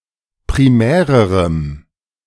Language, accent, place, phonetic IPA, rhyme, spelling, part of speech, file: German, Germany, Berlin, [pʁiˈmɛːʁəʁəm], -ɛːʁəʁəm, primärerem, adjective, De-primärerem.ogg
- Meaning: strong dative masculine/neuter singular comparative degree of primär